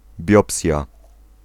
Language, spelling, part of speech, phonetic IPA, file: Polish, biopsja, noun, [ˈbʲjɔpsʲja], Pl-biopsja.ogg